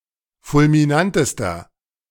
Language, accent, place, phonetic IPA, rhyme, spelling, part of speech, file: German, Germany, Berlin, [fʊlmiˈnantəstɐ], -antəstɐ, fulminantester, adjective, De-fulminantester.ogg
- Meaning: inflection of fulminant: 1. strong/mixed nominative masculine singular superlative degree 2. strong genitive/dative feminine singular superlative degree 3. strong genitive plural superlative degree